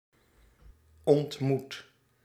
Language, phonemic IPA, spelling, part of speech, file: Dutch, /ɔntˈmut/, ontmoet, verb, Nl-ontmoet.ogg
- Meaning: 1. inflection of ontmoeten: first/second/third-person singular present indicative 2. inflection of ontmoeten: imperative 3. past participle of ontmoeten